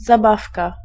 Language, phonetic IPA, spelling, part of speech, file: Polish, [zaˈbafka], zabawka, noun, Pl-zabawka.ogg